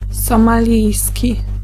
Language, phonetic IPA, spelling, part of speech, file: Polish, [ˌsɔ̃maˈlʲijsʲci], somalijski, adjective / noun, Pl-somalijski.ogg